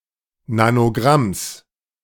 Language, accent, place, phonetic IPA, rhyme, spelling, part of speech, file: German, Germany, Berlin, [nanoˈɡʁams], -ams, Nanogramms, noun, De-Nanogramms.ogg
- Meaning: genitive singular of Nanogramm